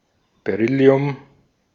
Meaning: beryllium; the chemical element and alkaline earth metal with the atomic number 4
- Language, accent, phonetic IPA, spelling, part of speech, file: German, Austria, [beˈʀʏli̯ʊm], Beryllium, noun, De-at-Beryllium.ogg